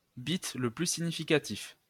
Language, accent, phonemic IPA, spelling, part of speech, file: French, France, /bit lə ply si.ɲi.fi.ka.tif/, bit le plus significatif, noun, LL-Q150 (fra)-bit le plus significatif.wav
- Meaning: most significant bit (bit of the largest order)